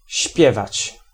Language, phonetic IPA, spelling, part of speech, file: Polish, [ˈɕpʲjɛvat͡ɕ], śpiewać, verb, Pl-śpiewać.ogg